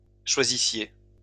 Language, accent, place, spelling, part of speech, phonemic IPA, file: French, France, Lyon, choisissiez, verb, /ʃwa.zi.sje/, LL-Q150 (fra)-choisissiez.wav
- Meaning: inflection of choisir: 1. second-person plural imperfect indicative 2. second-person plural present/imperfect subjunctive